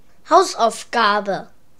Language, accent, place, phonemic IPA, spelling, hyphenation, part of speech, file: German, Germany, Berlin, /ˈhaʊ̯sʔaʊ̯fˌɡaːbə/, Hausaufgabe, Haus‧auf‧ga‧be, noun, De-Hausaufgabe.ogg
- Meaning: homework assignment, a piece of exercise or examination by which a teacher or examiner tries the performance of a student